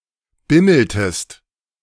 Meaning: inflection of bimmeln: 1. second-person singular preterite 2. second-person singular subjunctive II
- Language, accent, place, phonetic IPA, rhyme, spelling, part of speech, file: German, Germany, Berlin, [ˈbɪml̩təst], -ɪml̩təst, bimmeltest, verb, De-bimmeltest.ogg